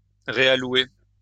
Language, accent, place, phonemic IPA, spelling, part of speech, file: French, France, Lyon, /ʁe.a.lwe/, réallouer, verb, LL-Q150 (fra)-réallouer.wav
- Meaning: to reallocate